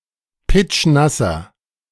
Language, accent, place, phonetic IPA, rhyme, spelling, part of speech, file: German, Germany, Berlin, [ˈpɪt͡ʃˈnasɐ], -asɐ, pitschnasser, adjective, De-pitschnasser.ogg
- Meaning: inflection of pitschnass: 1. strong/mixed nominative masculine singular 2. strong genitive/dative feminine singular 3. strong genitive plural